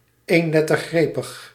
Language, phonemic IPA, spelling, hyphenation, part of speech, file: Dutch, /ˌeːnˈlɛ.tər.ɣreː.pəx/, eenlettergrepig, een‧let‧ter‧gre‧pig, adjective, Nl-eenlettergrepig.ogg
- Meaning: monosyllabic